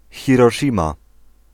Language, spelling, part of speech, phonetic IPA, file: Polish, Hiroszima, proper noun, [ˌxʲirɔˈʃʲĩma], Pl-Hiroszima.ogg